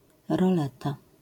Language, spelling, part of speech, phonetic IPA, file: Polish, roleta, noun, [rɔˈlɛta], LL-Q809 (pol)-roleta.wav